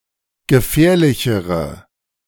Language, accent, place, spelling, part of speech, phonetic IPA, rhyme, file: German, Germany, Berlin, gefährlichere, adjective, [ɡəˈfɛːɐ̯lɪçəʁə], -ɛːɐ̯lɪçəʁə, De-gefährlichere.ogg
- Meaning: inflection of gefährlich: 1. strong/mixed nominative/accusative feminine singular comparative degree 2. strong nominative/accusative plural comparative degree